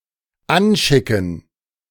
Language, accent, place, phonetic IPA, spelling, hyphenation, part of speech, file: German, Germany, Berlin, [ˈanˌʃɪkn̩], anschicken, an‧schi‧cken, verb, De-anschicken.ogg
- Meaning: to get ready, to prepare to do something